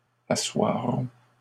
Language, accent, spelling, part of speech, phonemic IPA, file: French, Canada, assoirons, verb, /a.swa.ʁɔ̃/, LL-Q150 (fra)-assoirons.wav
- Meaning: first-person plural future of asseoir